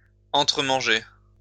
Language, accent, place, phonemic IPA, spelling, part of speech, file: French, France, Lyon, /ɑ̃.tʁə.mɑ̃.ʒe/, entre-manger, verb, LL-Q150 (fra)-entre-manger.wav
- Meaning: to eat one another